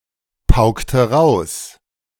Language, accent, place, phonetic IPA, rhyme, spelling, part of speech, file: German, Germany, Berlin, [ˈpaʊ̯ktn̩], -aʊ̯ktn̩, paukten, verb, De-paukten.ogg
- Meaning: inflection of pauken: 1. first/third-person plural preterite 2. first/third-person plural subjunctive II